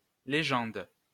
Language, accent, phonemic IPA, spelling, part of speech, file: French, France, /le.ʒɑ̃d/, légende, noun, LL-Q150 (fra)-légende.wav
- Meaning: 1. legend (story of unknown origin describing plausible but extraordinary past events) 2. legend (key to the symbols and color codes on a map) 3. caption